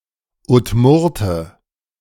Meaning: Udmurt (man from the Udmurtia region)
- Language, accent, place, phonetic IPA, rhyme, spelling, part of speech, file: German, Germany, Berlin, [ʊtˈmʊʁtə], -ʊʁtə, Udmurte, noun, De-Udmurte.ogg